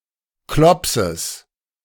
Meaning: genitive of Klops
- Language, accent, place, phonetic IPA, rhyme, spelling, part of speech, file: German, Germany, Berlin, [ˈklɔpsəs], -ɔpsəs, Klopses, noun, De-Klopses.ogg